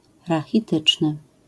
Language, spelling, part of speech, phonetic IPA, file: Polish, rachityczny, adjective, [ˌraxʲiˈtɨt͡ʃnɨ], LL-Q809 (pol)-rachityczny.wav